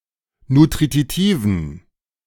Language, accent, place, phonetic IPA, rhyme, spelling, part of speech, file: German, Germany, Berlin, [nutʁiˈtiːvn̩], -iːvn̩, nutritiven, adjective, De-nutritiven.ogg
- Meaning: inflection of nutritiv: 1. strong genitive masculine/neuter singular 2. weak/mixed genitive/dative all-gender singular 3. strong/weak/mixed accusative masculine singular 4. strong dative plural